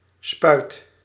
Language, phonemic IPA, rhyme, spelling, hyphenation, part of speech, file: Dutch, /spœy̯t/, -œy̯t, spuit, spuit, noun / verb, Nl-spuit.ogg
- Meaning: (noun) 1. spout 2. syringe 3. injection, jab, shot 4. euthanasia; lethal injection (particularly in relation to animals, usage in relation to humans may be considered crass) 5. gun, rifle